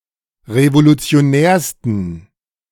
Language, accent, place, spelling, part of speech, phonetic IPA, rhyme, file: German, Germany, Berlin, revolutionärsten, adjective, [ʁevolut͡si̯oˈnɛːɐ̯stn̩], -ɛːɐ̯stn̩, De-revolutionärsten.ogg
- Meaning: 1. superlative degree of revolutionär 2. inflection of revolutionär: strong genitive masculine/neuter singular superlative degree